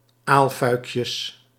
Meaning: plural of aalfuikje
- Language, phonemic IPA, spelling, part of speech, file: Dutch, /ˈalfœykjəs/, aalfuikjes, noun, Nl-aalfuikjes.ogg